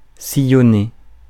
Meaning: 1. to crisscross; cut across; furrow; to go back and forth (across) 2. to leave traces of one's passage or way
- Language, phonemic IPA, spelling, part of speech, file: French, /si.jɔ.ne/, sillonner, verb, Fr-sillonner.ogg